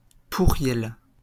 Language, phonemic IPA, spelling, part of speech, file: French, /pu.ʁjɛl/, pourriel, noun, LL-Q150 (fra)-pourriel.wav
- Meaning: spam, junk mail